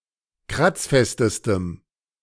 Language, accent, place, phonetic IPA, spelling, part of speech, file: German, Germany, Berlin, [ˈkʁat͡sˌfɛstəstəm], kratzfestestem, adjective, De-kratzfestestem.ogg
- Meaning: strong dative masculine/neuter singular superlative degree of kratzfest